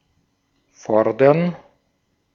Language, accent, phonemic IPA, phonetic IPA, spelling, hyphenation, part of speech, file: German, Austria, /ˈfɔʁdəʁn/, [ˈfɔɐ̯dɐn], fordern, for‧dern, verb, De-at-fordern.ogg
- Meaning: 1. to demand, ask 2. to claim 3. to require 4. to challenge